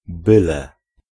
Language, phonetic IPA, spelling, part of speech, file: Polish, [ˈbɨlɛ], byle, conjunction / particle, Pl-byle.ogg